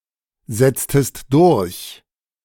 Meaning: inflection of durchsetzen: 1. second-person singular preterite 2. second-person singular subjunctive II
- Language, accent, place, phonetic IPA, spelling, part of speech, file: German, Germany, Berlin, [ˌzɛt͡stəst ˈdʊʁç], setztest durch, verb, De-setztest durch.ogg